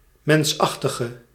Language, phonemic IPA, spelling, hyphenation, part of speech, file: Dutch, /ˈmɛnsˌɑx.tə.ɣə/, mensachtige, mens‧ach‧ti‧ge, adjective / noun, Nl-mensachtige.ogg
- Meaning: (adjective) inflection of mensachtig: 1. indefinite masculine and feminine singular 2. indefinite plural 3. definite; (noun) great ape, hominid, any member of the family Hominidae